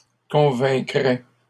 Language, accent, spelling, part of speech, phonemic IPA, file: French, Canada, convaincrais, verb, /kɔ̃.vɛ̃.kʁɛ/, LL-Q150 (fra)-convaincrais.wav
- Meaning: first/second-person singular conditional of convaincre